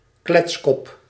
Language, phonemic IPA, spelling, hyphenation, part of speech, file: Dutch, /ˈklɛts.kɔp/, kletskop, klets‧kop, noun, Nl-kletskop.ogg
- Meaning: 1. a bald head 2. a bald person (usually said of a man), a baldie 3. a hard and brittle type of cookie, with sugar, butter and peanuts or almonds as main ingredients 4. a blab, blabbermouth